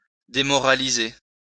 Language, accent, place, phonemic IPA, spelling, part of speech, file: French, France, Lyon, /de.mɔ.ʁa.li.ze/, démoraliser, verb, LL-Q150 (fra)-démoraliser.wav
- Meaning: 1. to render immoral; to immoralize 2. to demoralize